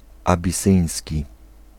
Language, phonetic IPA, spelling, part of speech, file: Polish, [ˌabʲiˈsɨ̃j̃sʲci], abisyński, adjective, Pl-abisyński.ogg